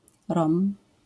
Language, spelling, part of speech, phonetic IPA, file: Polish, Rom, noun, [rɔ̃m], LL-Q809 (pol)-Rom.wav